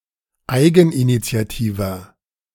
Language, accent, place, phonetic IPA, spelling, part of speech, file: German, Germany, Berlin, [ˈaɪ̯ɡn̩ʔinit͡si̯aˌtiːvɐ], eigeninitiativer, adjective, De-eigeninitiativer.ogg
- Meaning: 1. comparative degree of eigeninitiativ 2. inflection of eigeninitiativ: strong/mixed nominative masculine singular 3. inflection of eigeninitiativ: strong genitive/dative feminine singular